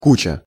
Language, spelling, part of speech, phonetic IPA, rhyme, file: Russian, куча, noun, [ˈkut͡ɕə], -ut͡ɕə, Ru-куча.ogg
- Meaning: 1. heap, pile 2. a lot (a large amount) 3. heap 4. pile, steaming pile (of excrement) 5. a hut made of human-height poles covered with dirt